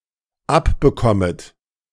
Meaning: second-person plural dependent subjunctive I of abbekommen
- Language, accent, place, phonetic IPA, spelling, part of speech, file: German, Germany, Berlin, [ˈapbəˌkɔmət], abbekommet, verb, De-abbekommet.ogg